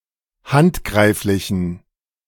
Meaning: inflection of handgreiflich: 1. strong genitive masculine/neuter singular 2. weak/mixed genitive/dative all-gender singular 3. strong/weak/mixed accusative masculine singular 4. strong dative plural
- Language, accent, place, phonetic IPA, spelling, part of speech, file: German, Germany, Berlin, [ˈhantˌɡʁaɪ̯flɪçn̩], handgreiflichen, adjective, De-handgreiflichen.ogg